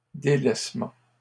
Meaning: abandonment, desertion, neglect, dereliction
- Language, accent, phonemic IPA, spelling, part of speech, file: French, Canada, /de.lɛs.mɑ̃/, délaissement, noun, LL-Q150 (fra)-délaissement.wav